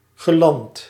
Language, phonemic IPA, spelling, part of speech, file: Dutch, /ɣəˈlɑnt/, geland, adjective / verb, Nl-geland.ogg
- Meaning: past participle of landen